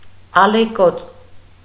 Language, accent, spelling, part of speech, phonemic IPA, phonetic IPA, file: Armenian, Eastern Armenian, ալեկոծ, adjective, /ɑleˈkot͡s/, [ɑlekót͡s], Hy-ալեկոծ.ogg
- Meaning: 1. surging, billowing (of a wave) 2. deeply distressed, moved, restless